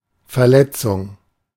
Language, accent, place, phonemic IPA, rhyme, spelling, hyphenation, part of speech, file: German, Germany, Berlin, /fɛɐ̯ˈlɛt͡sʊŋ/, -ɛt͡sʊŋ, Verletzung, Ver‧let‧zung, noun, De-Verletzung.ogg
- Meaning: 1. injury 2. violation